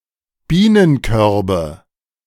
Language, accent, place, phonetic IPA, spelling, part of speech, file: German, Germany, Berlin, [ˈbiːnənˌkœʁbə], Bienenkörbe, noun, De-Bienenkörbe.ogg
- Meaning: nominative/accusative/genitive plural of Bienenkorb